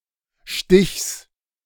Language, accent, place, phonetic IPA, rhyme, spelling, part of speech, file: German, Germany, Berlin, [ʃtɪçs], -ɪçs, Stichs, noun, De-Stichs.ogg
- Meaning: genitive singular of Stich